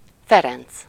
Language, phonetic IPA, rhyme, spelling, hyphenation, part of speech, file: Hungarian, [ˈfɛrɛnt͡s], -ɛnt͡s, Ferenc, Fe‧renc, proper noun, Hu-Ferenc.ogg
- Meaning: A male given name, equivalent to English Francis